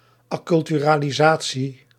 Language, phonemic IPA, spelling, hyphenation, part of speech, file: Dutch, /ɑˌkʏl.ty.raː.liˈzaː.(t)si/, acculturalisatie, ac‧cul‧tu‧ra‧li‧sa‧tie, noun, Nl-acculturalisatie.ogg
- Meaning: acculturalisation